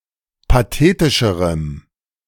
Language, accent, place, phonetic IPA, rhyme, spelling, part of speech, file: German, Germany, Berlin, [paˈteːtɪʃəʁəm], -eːtɪʃəʁəm, pathetischerem, adjective, De-pathetischerem.ogg
- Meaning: strong dative masculine/neuter singular comparative degree of pathetisch